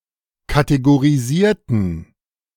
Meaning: inflection of kategorisieren: 1. first/third-person plural preterite 2. first/third-person plural subjunctive II
- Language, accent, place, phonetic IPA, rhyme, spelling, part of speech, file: German, Germany, Berlin, [kateɡoʁiˈziːɐ̯tn̩], -iːɐ̯tn̩, kategorisierten, adjective / verb, De-kategorisierten.ogg